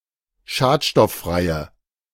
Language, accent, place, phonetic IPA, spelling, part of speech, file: German, Germany, Berlin, [ˈʃaːtʃtɔfˌfʁaɪ̯ə], schadstofffreie, adjective, De-schadstofffreie.ogg
- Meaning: inflection of schadstofffrei: 1. strong/mixed nominative/accusative feminine singular 2. strong nominative/accusative plural 3. weak nominative all-gender singular